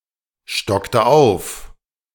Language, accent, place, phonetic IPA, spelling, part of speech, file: German, Germany, Berlin, [ˌʃtɔktə ˈaʊ̯f], stockte auf, verb, De-stockte auf.ogg
- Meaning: inflection of aufstocken: 1. first/third-person singular preterite 2. first/third-person singular subjunctive II